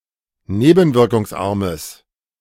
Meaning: strong/mixed nominative/accusative neuter singular of nebenwirkungsarm
- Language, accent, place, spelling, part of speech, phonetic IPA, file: German, Germany, Berlin, nebenwirkungsarmes, adjective, [ˈneːbn̩vɪʁkʊŋsˌʔaʁməs], De-nebenwirkungsarmes.ogg